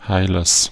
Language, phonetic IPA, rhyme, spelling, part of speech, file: German, [ˈhaɪ̯lɐs], -aɪ̯lɐs, Heilers, noun, De-Heilers.ogg
- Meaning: genitive of Heiler